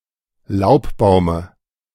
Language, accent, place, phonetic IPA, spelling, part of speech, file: German, Germany, Berlin, [ˈlaʊ̯pˌbaʊ̯mə], Laubbaume, noun, De-Laubbaume.ogg
- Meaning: dative singular of Laubbaum